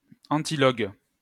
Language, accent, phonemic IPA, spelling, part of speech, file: French, France, /ɑ̃.ti.lɔɡ/, antilogue, adjective, LL-Q150 (fra)-antilogue.wav
- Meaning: antilogue